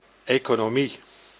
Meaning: 1. economics 2. economy
- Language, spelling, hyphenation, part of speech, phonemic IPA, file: Dutch, economie, eco‧no‧mie, noun, /ˌeː.koː.noːˈmi/, Nl-economie.ogg